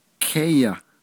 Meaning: 1. land, country, terrain 2. planet
- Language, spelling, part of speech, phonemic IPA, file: Navajo, kéyah, noun, /kʰɛ́jɑ̀h/, Nv-kéyah.ogg